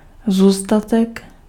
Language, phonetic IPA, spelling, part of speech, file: Czech, [ˈzuːstatɛk], zůstatek, noun, Cs-zůstatek.ogg
- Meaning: balance (the difference between credit and debit of an account)